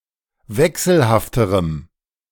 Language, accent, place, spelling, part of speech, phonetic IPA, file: German, Germany, Berlin, wechselhafterem, adjective, [ˈvɛksl̩haftəʁəm], De-wechselhafterem.ogg
- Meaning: strong dative masculine/neuter singular comparative degree of wechselhaft